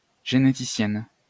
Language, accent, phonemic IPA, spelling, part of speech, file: French, France, /ʒe.ne.ti.sjɛn/, généticienne, noun, LL-Q150 (fra)-généticienne.wav
- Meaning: female equivalent of généticien